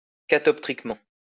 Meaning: catoptrically
- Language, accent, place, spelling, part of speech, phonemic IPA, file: French, France, Lyon, catoptriquement, adverb, /ka.tɔp.tʁik.mɑ̃/, LL-Q150 (fra)-catoptriquement.wav